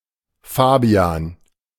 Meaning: a male given name
- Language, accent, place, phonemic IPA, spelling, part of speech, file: German, Germany, Berlin, /ˈfaː.bi.an/, Fabian, proper noun, De-Fabian.ogg